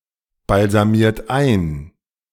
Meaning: inflection of einbalsamieren: 1. third-person singular present 2. second-person plural present 3. plural imperative
- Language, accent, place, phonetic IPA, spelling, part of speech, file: German, Germany, Berlin, [balzaˌmiːɐ̯t ˈaɪ̯n], balsamiert ein, verb, De-balsamiert ein.ogg